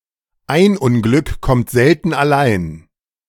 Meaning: it never rains but it pours
- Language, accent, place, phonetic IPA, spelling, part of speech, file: German, Germany, Berlin, [aɪ̯n ˈʊnˌɡlʏk kɔmt ˈzɛltn̩ aˈlaɪ̯n], ein Unglück kommt selten allein, phrase, De-ein Unglück kommt selten allein.ogg